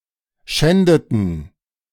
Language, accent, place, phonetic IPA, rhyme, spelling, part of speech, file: German, Germany, Berlin, [ˈʃɛndətn̩], -ɛndətn̩, schändeten, verb, De-schändeten.ogg
- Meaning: inflection of schänden: 1. first/third-person plural preterite 2. first/third-person plural subjunctive II